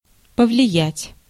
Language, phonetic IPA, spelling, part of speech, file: Russian, [pəvlʲɪˈjætʲ], повлиять, verb, Ru-повлиять.ogg
- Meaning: 1. to influence, to have an influence 2. to affect, to govern 3. to have effect, to have action